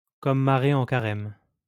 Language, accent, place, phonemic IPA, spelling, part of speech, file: French, France, Lyon, /kɔm ma.ʁe ɑ̃ ka.ʁɛm/, comme marée en carême, adverb, LL-Q150 (fra)-comme marée en carême.wav
- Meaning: opportunely